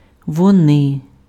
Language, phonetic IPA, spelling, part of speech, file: Ukrainian, [wɔˈnɪ], вони, pronoun, Uk-вони.ogg
- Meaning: they